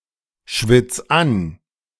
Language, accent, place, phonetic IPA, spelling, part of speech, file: German, Germany, Berlin, [ˌʃvɪt͡s ˈan], schwitz an, verb, De-schwitz an.ogg
- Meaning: 1. singular imperative of anschwitzen 2. first-person singular present of anschwitzen